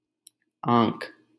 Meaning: 1. eye 2. sight, glance, look 3. regard
- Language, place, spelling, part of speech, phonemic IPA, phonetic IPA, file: Hindi, Delhi, आँख, noun, /ɑ̃ːkʰ/, [ä̃ːkʰ], LL-Q1568 (hin)-आँख.wav